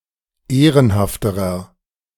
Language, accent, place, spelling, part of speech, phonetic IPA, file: German, Germany, Berlin, ehrenhafterer, adjective, [ˈeːʁənhaftəʁɐ], De-ehrenhafterer.ogg
- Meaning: inflection of ehrenhaft: 1. strong/mixed nominative masculine singular comparative degree 2. strong genitive/dative feminine singular comparative degree 3. strong genitive plural comparative degree